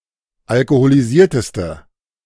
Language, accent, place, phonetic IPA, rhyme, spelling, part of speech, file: German, Germany, Berlin, [alkoholiˈziːɐ̯təstə], -iːɐ̯təstə, alkoholisierteste, adjective, De-alkoholisierteste.ogg
- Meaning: inflection of alkoholisiert: 1. strong/mixed nominative/accusative feminine singular superlative degree 2. strong nominative/accusative plural superlative degree